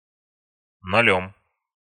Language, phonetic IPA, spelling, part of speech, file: Russian, [nɐˈlʲɵm], нолём, noun, Ru-нолём.ogg
- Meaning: instrumental singular of ноль (nolʹ)